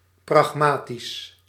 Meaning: pragmatic
- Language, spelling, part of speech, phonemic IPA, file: Dutch, pragmatisch, adjective, /prɑxˈmatis/, Nl-pragmatisch.ogg